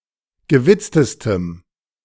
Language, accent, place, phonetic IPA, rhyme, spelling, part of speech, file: German, Germany, Berlin, [ɡəˈvɪt͡stəstəm], -ɪt͡stəstəm, gewitztestem, adjective, De-gewitztestem.ogg
- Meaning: strong dative masculine/neuter singular superlative degree of gewitzt